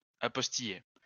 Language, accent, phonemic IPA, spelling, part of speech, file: French, France, /a.pɔs.ti.je/, apostiller, verb, LL-Q150 (fra)-apostiller.wav
- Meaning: to apostille